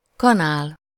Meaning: 1. spoon (an implement for eating or serving) 2. spoon, scoop (the amount or volume of loose or solid material held by a particular scoop)
- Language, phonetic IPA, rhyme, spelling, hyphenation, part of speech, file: Hungarian, [ˈkɒnaːl], -aːl, kanál, ka‧nál, noun, Hu-kanál.ogg